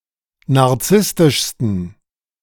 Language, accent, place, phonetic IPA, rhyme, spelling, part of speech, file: German, Germany, Berlin, [naʁˈt͡sɪstɪʃstn̩], -ɪstɪʃstn̩, narzisstischsten, adjective, De-narzisstischsten.ogg
- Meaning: 1. superlative degree of narzisstisch 2. inflection of narzisstisch: strong genitive masculine/neuter singular superlative degree